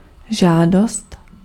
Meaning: request
- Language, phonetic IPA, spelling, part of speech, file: Czech, [ˈʒaːdost], žádost, noun, Cs-žádost.ogg